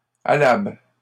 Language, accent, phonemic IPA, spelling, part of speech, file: French, Canada, /a.labl/, alable, adjective, LL-Q150 (fra)-alable.wav
- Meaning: alternative form of allable